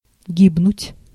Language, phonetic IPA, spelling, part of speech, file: Russian, [ˈɡʲibnʊtʲ], гибнуть, verb, Ru-гибнуть.ogg
- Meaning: to perish, to die